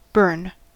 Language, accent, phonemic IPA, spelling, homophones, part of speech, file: English, US, /bɝn/, burn, Bern, noun / verb, En-us-burn.ogg
- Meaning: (noun) A physical injury caused by heat, cold, electricity, radiation or caustic chemicals